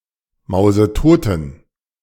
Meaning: inflection of mausetot: 1. strong genitive masculine/neuter singular 2. weak/mixed genitive/dative all-gender singular 3. strong/weak/mixed accusative masculine singular 4. strong dative plural
- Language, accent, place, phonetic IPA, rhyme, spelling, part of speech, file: German, Germany, Berlin, [ˌmaʊ̯zəˈtoːtn̩], -oːtn̩, mausetoten, adjective, De-mausetoten.ogg